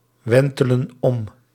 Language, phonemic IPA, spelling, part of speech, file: Dutch, /ˈwɛntələ(n) ˈɔm/, wentelen om, verb, Nl-wentelen om.ogg
- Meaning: inflection of omwentelen: 1. plural present indicative 2. plural present subjunctive